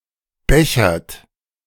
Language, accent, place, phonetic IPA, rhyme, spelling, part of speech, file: German, Germany, Berlin, [ˈbɛçɐt], -ɛçɐt, bechert, verb, De-bechert.ogg
- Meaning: inflection of bechern: 1. second-person plural present 2. third-person singular present 3. plural imperative